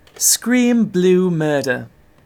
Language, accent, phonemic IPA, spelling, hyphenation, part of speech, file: English, Received Pronunciation, /ˈskɹiːm bluː ˈmɜː(ɹ)də(ɹ)/, scream blue murder, scream blue mur‧der, verb, En-uk-scream blue murder.ogg
- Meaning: To protest loudly or angrily